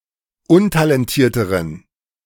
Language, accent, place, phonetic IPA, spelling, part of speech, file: German, Germany, Berlin, [ˈʊntalɛnˌtiːɐ̯təʁən], untalentierteren, adjective, De-untalentierteren.ogg
- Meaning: inflection of untalentiert: 1. strong genitive masculine/neuter singular comparative degree 2. weak/mixed genitive/dative all-gender singular comparative degree